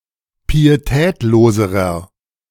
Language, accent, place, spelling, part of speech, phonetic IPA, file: German, Germany, Berlin, pietätloserer, adjective, [piːeˈtɛːtloːzəʁɐ], De-pietätloserer.ogg
- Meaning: inflection of pietätlos: 1. strong/mixed nominative masculine singular comparative degree 2. strong genitive/dative feminine singular comparative degree 3. strong genitive plural comparative degree